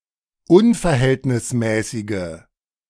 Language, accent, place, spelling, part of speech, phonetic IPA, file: German, Germany, Berlin, unverhältnismäßige, adjective, [ˈʊnfɛɐ̯ˌhɛltnɪsmɛːsɪɡə], De-unverhältnismäßige.ogg
- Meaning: inflection of unverhältnismäßig: 1. strong/mixed nominative/accusative feminine singular 2. strong nominative/accusative plural 3. weak nominative all-gender singular